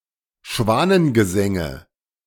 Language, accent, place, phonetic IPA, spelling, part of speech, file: German, Germany, Berlin, [ˈʃvaːnənɡəˌzɛŋə], Schwanengesänge, noun, De-Schwanengesänge.ogg
- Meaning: nominative/accusative/genitive plural of Schwanengesang